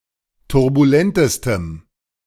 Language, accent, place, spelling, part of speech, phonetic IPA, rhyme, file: German, Germany, Berlin, turbulentestem, adjective, [tʊʁbuˈlɛntəstəm], -ɛntəstəm, De-turbulentestem.ogg
- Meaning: strong dative masculine/neuter singular superlative degree of turbulent